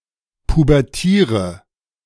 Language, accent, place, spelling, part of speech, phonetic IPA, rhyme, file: German, Germany, Berlin, pubertiere, verb, [pubɛʁˈtiːʁə], -iːʁə, De-pubertiere.ogg
- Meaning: inflection of pubertieren: 1. first-person singular present 2. first/third-person singular subjunctive I 3. singular imperative